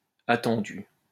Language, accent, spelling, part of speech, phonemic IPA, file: French, France, attendus, verb, /a.tɑ̃.dy/, LL-Q150 (fra)-attendus.wav
- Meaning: masculine plural of attendu